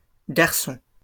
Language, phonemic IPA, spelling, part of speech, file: French, /ɡaʁ.sɔ̃/, garçons, noun, LL-Q150 (fra)-garçons.wav
- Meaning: plural of garçon